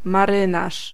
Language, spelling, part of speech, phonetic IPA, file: Polish, marynarz, noun, [maˈrɨ̃naʃ], Pl-marynarz.ogg